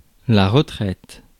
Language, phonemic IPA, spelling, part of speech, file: French, /ʁə.tʁɛt/, retraite, adjective / noun, Fr-retraite.ogg
- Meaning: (adjective) feminine singular of retrait; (noun) 1. retirement 2. pension (money) 3. retreat